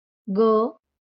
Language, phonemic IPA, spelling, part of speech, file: Marathi, /ɡə/, ग, character, LL-Q1571 (mar)-ग.wav
- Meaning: The third consonant in Marathi